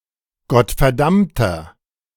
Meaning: 1. comparative degree of gottverdammt 2. inflection of gottverdammt: strong/mixed nominative masculine singular 3. inflection of gottverdammt: strong genitive/dative feminine singular
- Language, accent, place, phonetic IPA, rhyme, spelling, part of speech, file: German, Germany, Berlin, [ɡɔtfɛɐ̯ˈdamtɐ], -amtɐ, gottverdammter, adjective, De-gottverdammter.ogg